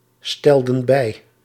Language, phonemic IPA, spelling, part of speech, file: Dutch, /ˈstɛldə(n) ˈbɛi/, stelden bij, verb, Nl-stelden bij.ogg
- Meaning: inflection of bijstellen: 1. plural past indicative 2. plural past subjunctive